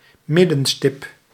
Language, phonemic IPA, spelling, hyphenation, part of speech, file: Dutch, /ˈmɪ.də(n)ˌstɪp/, middenstip, mid‧den‧stip, noun, Nl-middenstip.ogg
- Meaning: 1. centre spot, centre mark (on a sports field) 2. a dot or spot on the centre of a body